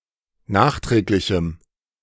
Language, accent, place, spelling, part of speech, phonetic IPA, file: German, Germany, Berlin, nachträglichem, adjective, [ˈnaːxˌtʁɛːklɪçm̩], De-nachträglichem.ogg
- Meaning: strong dative masculine/neuter singular of nachträglich